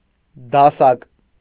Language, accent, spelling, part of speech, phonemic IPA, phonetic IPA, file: Armenian, Eastern Armenian, դասակ, noun, /dɑˈsɑk/, [dɑsɑ́k], Hy-դասակ.ogg
- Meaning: platoon